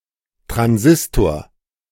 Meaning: 1. transistor (semiconductor device) 2. transistor radio
- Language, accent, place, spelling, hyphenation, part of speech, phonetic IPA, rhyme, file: German, Germany, Berlin, Transistor, Tran‧sis‧tor, noun, [tʁanˈzɪstoːɐ̯], -ɪstoːɐ̯, De-Transistor.ogg